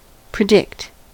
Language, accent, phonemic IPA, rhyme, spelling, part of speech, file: English, US, /pɹɪˈdɪkt/, -ɪkt, predict, verb / noun, En-us-predict.ogg
- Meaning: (verb) To make a prediction: to forecast, foretell, or estimate a future event on the basis of knowledge and reasoning; to prophesy a future event on the basis of mystical knowledge or power